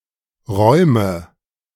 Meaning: inflection of räumen: 1. first-person singular present 2. first/third-person singular subjunctive I 3. singular imperative
- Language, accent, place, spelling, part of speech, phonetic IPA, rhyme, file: German, Germany, Berlin, räume, verb, [ˈʁɔɪ̯mə], -ɔɪ̯mə, De-räume.ogg